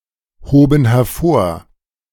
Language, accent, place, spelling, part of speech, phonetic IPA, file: German, Germany, Berlin, hoben hervor, verb, [ˌhoːbn̩ hɛɐ̯ˈfoːɐ̯], De-hoben hervor.ogg
- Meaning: first/third-person plural preterite of hervorheben